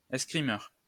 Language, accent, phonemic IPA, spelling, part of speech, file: French, France, /ɛs.kʁi.mœʁ/, escrimeur, noun, LL-Q150 (fra)-escrimeur.wav
- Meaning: a fencer; someone who participates in the sport of fencing